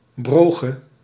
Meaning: alternative spelling of brooche
- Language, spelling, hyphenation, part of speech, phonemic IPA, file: Dutch, broge, bro‧ge, noun, /ˈbroː.xə/, Nl-broge.ogg